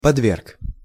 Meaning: short masculine singular past indicative perfective of подве́ргнуть (podvérgnutʹ)
- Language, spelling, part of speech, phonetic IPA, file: Russian, подверг, verb, [pɐdˈvʲerk], Ru-подверг.ogg